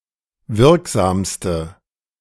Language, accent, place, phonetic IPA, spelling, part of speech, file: German, Germany, Berlin, [ˈvɪʁkˌzaːmstə], wirksamste, adjective, De-wirksamste.ogg
- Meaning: inflection of wirksam: 1. strong/mixed nominative/accusative feminine singular superlative degree 2. strong nominative/accusative plural superlative degree